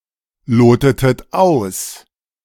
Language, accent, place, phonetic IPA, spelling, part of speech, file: German, Germany, Berlin, [ˌloːtətət ˈaʊ̯s], lotetet aus, verb, De-lotetet aus.ogg
- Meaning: inflection of ausloten: 1. second-person plural preterite 2. second-person plural subjunctive II